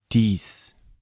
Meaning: alternative form of dieses
- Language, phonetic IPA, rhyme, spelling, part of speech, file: German, [ˈdiːs], -iːs, dies, pronoun, De-dies.ogg